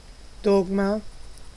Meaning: dogma
- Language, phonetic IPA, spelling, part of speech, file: German, [ˈdɔɡma], Dogma, noun, De-Dogma.ogg